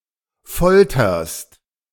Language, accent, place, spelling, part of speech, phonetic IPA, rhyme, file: German, Germany, Berlin, folterst, verb, [ˈfɔltɐst], -ɔltɐst, De-folterst.ogg
- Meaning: second-person singular present of foltern